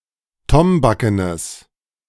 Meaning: strong/mixed nominative/accusative neuter singular of tombaken
- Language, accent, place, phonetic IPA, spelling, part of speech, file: German, Germany, Berlin, [ˈtɔmbakənəs], tombakenes, adjective, De-tombakenes.ogg